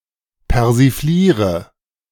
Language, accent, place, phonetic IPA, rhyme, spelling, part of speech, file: German, Germany, Berlin, [pɛʁziˈfliːʁə], -iːʁə, persifliere, verb, De-persifliere.ogg
- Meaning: inflection of persiflieren: 1. first-person singular present 2. first/third-person singular subjunctive I 3. singular imperative